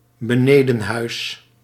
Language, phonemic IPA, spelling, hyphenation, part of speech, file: Dutch, /bəˈneː.də(n)ˌɦœy̯s/, benedenhuis, be‧ne‧den‧huis, noun, Nl-benedenhuis.ogg
- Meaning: the downstairs or lower portion of a house, sometimes a residence separate (i.e. with separate inhabitants) from the upstairs or upper portion